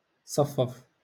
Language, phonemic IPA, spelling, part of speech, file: Moroccan Arabic, /sˤaf.faf/, صفف, verb, LL-Q56426 (ary)-صفف.wav
- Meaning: to line up, to align